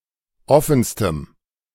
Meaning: strong dative masculine/neuter singular superlative degree of offen
- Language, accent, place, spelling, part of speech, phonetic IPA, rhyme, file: German, Germany, Berlin, offenstem, adjective, [ˈɔfn̩stəm], -ɔfn̩stəm, De-offenstem.ogg